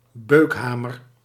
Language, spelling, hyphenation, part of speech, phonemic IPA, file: Dutch, beukhamer, beuk‧ha‧mer, noun, /ˈbøːkˌɦaː.mər/, Nl-beukhamer.ogg
- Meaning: sledgehammer